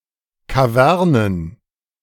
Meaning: plural of Kaverne
- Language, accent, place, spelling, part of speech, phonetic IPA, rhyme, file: German, Germany, Berlin, Kavernen, noun, [kaˈvɛʁnən], -ɛʁnən, De-Kavernen.ogg